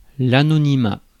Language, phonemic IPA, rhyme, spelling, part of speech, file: French, /a.nɔ.ni.ma/, -a, anonymat, noun, Fr-anonymat.ogg
- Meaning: anonymity